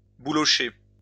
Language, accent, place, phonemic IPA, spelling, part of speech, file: French, France, Lyon, /bu.lɔ.ʃe/, boulocher, verb, LL-Q150 (fra)-boulocher.wav
- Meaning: to pill (of fabric, to make fluffy little balls by friction)